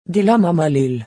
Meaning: division sign
- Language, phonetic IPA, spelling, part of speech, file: Volapük, [di.la.ma.ma.ˈlyl], dilamamalül, noun, Vo-dilamamalül.ogg